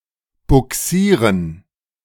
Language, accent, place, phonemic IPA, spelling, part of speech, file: German, Germany, Berlin, /buˈksiːrən/, bugsieren, verb, De-bugsieren.ogg
- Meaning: 1. to tow a ship 2. to put something in a place; to move something